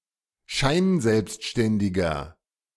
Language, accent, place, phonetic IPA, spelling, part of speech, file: German, Germany, Berlin, [ˈʃaɪ̯nˌzɛlpstʃtɛndɪɡɐ], scheinselbstständiger, adjective, De-scheinselbstständiger.ogg
- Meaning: inflection of scheinselbstständig: 1. strong/mixed nominative masculine singular 2. strong genitive/dative feminine singular 3. strong genitive plural